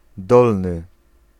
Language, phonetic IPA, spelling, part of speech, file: Polish, [ˈdɔlnɨ], dolny, adjective, Pl-dolny.ogg